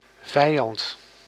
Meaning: enemy
- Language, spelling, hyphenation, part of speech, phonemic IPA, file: Dutch, vijand, vij‧and, noun, /ˈvɛi̯ˌ(j)ɑnt/, Nl-vijand.ogg